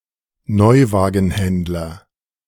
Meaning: a retailer who sells new cars
- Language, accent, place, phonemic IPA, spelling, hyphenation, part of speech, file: German, Germany, Berlin, /ˈnɔʏ̯vaːɡən̩hɛndlɐ/, Neuwagenhändler, Neu‧wa‧gen‧händ‧ler, noun, De-Neuwagenhändler.ogg